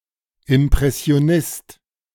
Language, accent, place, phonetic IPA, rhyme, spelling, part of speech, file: German, Germany, Berlin, [ɪmpʁɛsi̯oˈnɪst], -ɪst, Impressionist, noun, De-Impressionist.ogg
- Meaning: impressionist (one who adheres to impressionism)